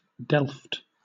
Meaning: 1. Alternative form of Delft (“style of earthenware”) 2. A delf; a mine, quarry, pit or ditch
- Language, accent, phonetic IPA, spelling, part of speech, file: English, Southern England, [dɛɫft], delft, noun, LL-Q1860 (eng)-delft.wav